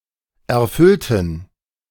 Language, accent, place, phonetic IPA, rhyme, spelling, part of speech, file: German, Germany, Berlin, [ɛɐ̯ˈfʏltn̩], -ʏltn̩, erfüllten, adjective / verb, De-erfüllten.ogg
- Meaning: inflection of erfüllen: 1. first/third-person plural preterite 2. first/third-person plural subjunctive II